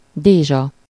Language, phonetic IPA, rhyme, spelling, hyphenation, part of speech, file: Hungarian, [ˈdeːʒɒ], -ʒɒ, dézsa, dé‧zsa, noun, Hu-dézsa.ogg
- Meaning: 1. tub, vat (a large round wooden container with a handle on each side) 2. a tub/vat of (as much as a tub can hold)